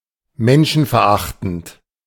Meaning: inhuman, misanthropic
- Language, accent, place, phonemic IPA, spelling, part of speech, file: German, Germany, Berlin, /ˈmɛnʃn̩fɛɐ̯ˌʔaχtn̩t/, menschenverachtend, adjective, De-menschenverachtend.ogg